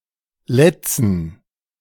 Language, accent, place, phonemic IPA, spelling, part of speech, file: German, Germany, Berlin, /ˈlɛt͡sn̩/, letzen, verb, De-letzen.ogg
- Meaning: 1. to injure, to harm, to hurt, to punish etc 2. to hinder, to impede 3. to terminate the relationship, to quit with, to say goodbye 4. to refresh with, to enliven by exposing to, to let feast